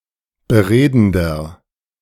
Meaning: inflection of beredend: 1. strong/mixed nominative masculine singular 2. strong genitive/dative feminine singular 3. strong genitive plural
- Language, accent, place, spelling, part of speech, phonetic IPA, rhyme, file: German, Germany, Berlin, beredender, adjective, [bəˈʁeːdn̩dɐ], -eːdn̩dɐ, De-beredender.ogg